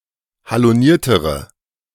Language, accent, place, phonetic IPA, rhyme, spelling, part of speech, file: German, Germany, Berlin, [haloˈniːɐ̯təʁə], -iːɐ̯təʁə, haloniertere, adjective, De-haloniertere.ogg
- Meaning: inflection of haloniert: 1. strong/mixed nominative/accusative feminine singular comparative degree 2. strong nominative/accusative plural comparative degree